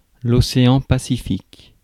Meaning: Pacific Ocean (an ocean, the world's largest body of water, to the east of Asia and Australasia and to the west of the Americas)
- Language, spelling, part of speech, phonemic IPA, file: French, océan Pacifique, noun, /ɔ.se.ɑ̃ pa.si.fik/, Fr-océan-Pacifique.ogg